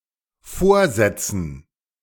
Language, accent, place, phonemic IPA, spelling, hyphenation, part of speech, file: German, Germany, Berlin, /ˈfoːɐ̯ˌzɛt͡sn̩/, vorsetzen, vor‧set‧zen, verb, De-vorsetzen.ogg
- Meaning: 1. to prefix 2. to serve (food or drink) 3. to put in front; to move forward 4. to present; to come up with; to offer up (lies, stories, shoddy work etc.) 5. to sit at the front